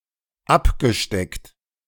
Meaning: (verb) past participle of abstecken; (adjective) marked, defined, specified
- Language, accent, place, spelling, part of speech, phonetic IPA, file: German, Germany, Berlin, abgesteckt, verb, [ˈapɡəˌʃtɛkt], De-abgesteckt.ogg